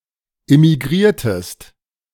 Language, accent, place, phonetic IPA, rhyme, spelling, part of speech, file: German, Germany, Berlin, [ɪmiˈɡʁiːɐ̯təst], -iːɐ̯təst, immigriertest, verb, De-immigriertest.ogg
- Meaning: inflection of immigrieren: 1. second-person singular preterite 2. second-person singular subjunctive II